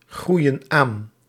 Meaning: inflection of aangroeien: 1. plural present indicative 2. plural present subjunctive
- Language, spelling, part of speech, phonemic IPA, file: Dutch, groeien aan, verb, /ˈɣrujə(n) ˈan/, Nl-groeien aan.ogg